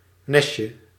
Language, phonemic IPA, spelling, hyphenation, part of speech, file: Dutch, /ˈnɛs.tʃə/, nestje, nes‧tje, noun, Nl-nestje.ogg
- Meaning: diminutive of nest